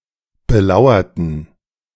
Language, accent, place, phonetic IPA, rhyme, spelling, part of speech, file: German, Germany, Berlin, [bəˈlaʊ̯ɐtn̩], -aʊ̯ɐtn̩, belauerten, adjective / verb, De-belauerten.ogg
- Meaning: inflection of belauern: 1. first/third-person plural preterite 2. first/third-person plural subjunctive II